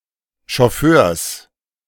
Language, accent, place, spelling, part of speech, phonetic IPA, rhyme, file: German, Germany, Berlin, Chauffeurs, noun, [ʃɔˈføːɐ̯s], -øːɐ̯s, De-Chauffeurs.ogg
- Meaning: genitive masculine singular of Chauffeur